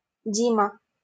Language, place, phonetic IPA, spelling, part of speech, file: Russian, Saint Petersburg, [ˈdʲimə], Дима, proper noun, LL-Q7737 (rus)-Дима.wav
- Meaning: a diminutive, Dima, of the male given names Дми́трий (Dmítrij) and Дими́трий (Dimítrij)